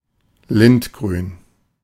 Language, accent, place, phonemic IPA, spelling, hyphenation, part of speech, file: German, Germany, Berlin, /ˈlɪntˌɡʁyːn/, lindgrün, lind‧grün, adjective, De-lindgrün.ogg
- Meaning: lime-green